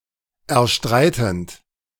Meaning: present participle of erstreiten
- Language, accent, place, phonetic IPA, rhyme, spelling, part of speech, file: German, Germany, Berlin, [ɛɐ̯ˈʃtʁaɪ̯tn̩t], -aɪ̯tn̩t, erstreitend, verb, De-erstreitend.ogg